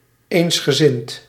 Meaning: unanimous, consentient (sharing the same view)
- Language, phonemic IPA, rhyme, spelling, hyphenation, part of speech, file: Dutch, /ˌeːnsxəˈzɪnt/, -ɪnt, eensgezind, eens‧ge‧zind, adjective, Nl-eensgezind.ogg